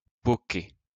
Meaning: 1. to throw the boule up high so that it stops dead when it hits the ground 2. to stink
- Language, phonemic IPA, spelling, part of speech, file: French, /pɔ.ke/, poquer, verb, LL-Q150 (fra)-poquer.wav